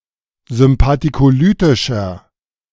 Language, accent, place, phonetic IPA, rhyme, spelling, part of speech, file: German, Germany, Berlin, [zʏmpatikoˈlyːtɪʃɐ], -yːtɪʃɐ, sympathikolytischer, adjective, De-sympathikolytischer.ogg
- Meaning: inflection of sympathikolytisch: 1. strong/mixed nominative masculine singular 2. strong genitive/dative feminine singular 3. strong genitive plural